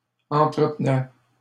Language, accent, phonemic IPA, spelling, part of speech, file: French, Canada, /ɑ̃.tʁə.t(ə).nɛ/, entretenais, verb, LL-Q150 (fra)-entretenais.wav
- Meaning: first/second-person singular imperfect indicative of entretenir